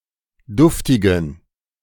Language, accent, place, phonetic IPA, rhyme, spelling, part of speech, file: German, Germany, Berlin, [ˈdʊftɪɡn̩], -ʊftɪɡn̩, duftigen, adjective, De-duftigen.ogg
- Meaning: inflection of duftig: 1. strong genitive masculine/neuter singular 2. weak/mixed genitive/dative all-gender singular 3. strong/weak/mixed accusative masculine singular 4. strong dative plural